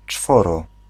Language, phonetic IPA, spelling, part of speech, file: Polish, [ˈt͡ʃfɔrɔ], czworo, numeral, Pl-czworo.ogg